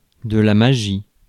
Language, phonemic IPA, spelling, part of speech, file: French, /ma.ʒi/, magie, noun, Fr-magie.ogg
- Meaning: 1. magic 2. a magical, surprising, fascinating feat 3. the art illusionism